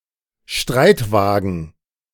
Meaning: chariot
- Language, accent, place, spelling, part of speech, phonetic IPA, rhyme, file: German, Germany, Berlin, Streitwagen, noun, [ˈʃtʁaɪ̯tˌvaːɡn̩], -aɪ̯tvaːɡn̩, De-Streitwagen.ogg